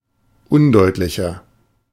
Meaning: 1. comparative degree of undeutlich 2. inflection of undeutlich: strong/mixed nominative masculine singular 3. inflection of undeutlich: strong genitive/dative feminine singular
- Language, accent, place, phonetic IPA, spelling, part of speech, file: German, Germany, Berlin, [ˈʊnˌdɔɪ̯tlɪçɐ], undeutlicher, adjective, De-undeutlicher.ogg